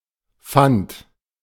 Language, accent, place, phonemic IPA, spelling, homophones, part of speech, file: German, Germany, Berlin, /fant/, Fant, fand, noun, De-Fant.ogg
- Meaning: 1. an inexperienced person acting as experienced 2. a dandy, an irrelevant person of pompous and vain appearance